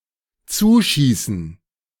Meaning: 1. to pass 2. to come close rashly 3. to provide as a subsidy
- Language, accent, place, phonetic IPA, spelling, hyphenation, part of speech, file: German, Germany, Berlin, [ˈt͡suːˌʃiːsn̩], zuschießen, zu‧schie‧ßen, verb, De-zuschießen.ogg